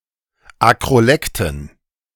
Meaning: dative plural of Akrolekt
- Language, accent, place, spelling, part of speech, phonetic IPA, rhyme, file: German, Germany, Berlin, Akrolekten, noun, [akʁoˈlɛktn̩], -ɛktn̩, De-Akrolekten.ogg